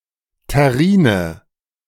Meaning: 1. tureen 2. terrine
- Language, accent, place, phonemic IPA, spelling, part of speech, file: German, Germany, Berlin, /tɛˈʁiːnə/, Terrine, noun, De-Terrine.ogg